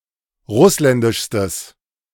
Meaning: strong/mixed nominative/accusative neuter singular superlative degree of russländisch
- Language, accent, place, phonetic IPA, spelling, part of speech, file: German, Germany, Berlin, [ˈʁʊslɛndɪʃstəs], russländischstes, adjective, De-russländischstes.ogg